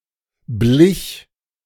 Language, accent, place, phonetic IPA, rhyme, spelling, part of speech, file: German, Germany, Berlin, [blɪç], -ɪç, blich, verb, De-blich.ogg
- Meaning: first/third-person singular preterite of bleichen